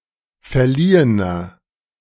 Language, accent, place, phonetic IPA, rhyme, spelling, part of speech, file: German, Germany, Berlin, [fɛɐ̯ˈliːənɐ], -iːənɐ, verliehener, adjective, De-verliehener.ogg
- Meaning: inflection of verliehen: 1. strong/mixed nominative masculine singular 2. strong genitive/dative feminine singular 3. strong genitive plural